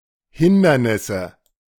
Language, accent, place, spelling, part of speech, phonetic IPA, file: German, Germany, Berlin, Hindernisse, noun, [ˈhɪndɐnɪsə], De-Hindernisse.ogg
- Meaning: nominative/accusative/genitive plural of Hindernis